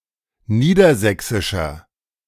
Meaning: inflection of niedersächsisch: 1. strong/mixed nominative masculine singular 2. strong genitive/dative feminine singular 3. strong genitive plural
- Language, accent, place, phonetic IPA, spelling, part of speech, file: German, Germany, Berlin, [ˈniːdɐˌzɛksɪʃɐ], niedersächsischer, adjective, De-niedersächsischer.ogg